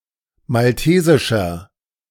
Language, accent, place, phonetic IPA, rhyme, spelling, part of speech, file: German, Germany, Berlin, [malˈteːzɪʃɐ], -eːzɪʃɐ, maltesischer, adjective, De-maltesischer.ogg
- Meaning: inflection of maltesisch: 1. strong/mixed nominative masculine singular 2. strong genitive/dative feminine singular 3. strong genitive plural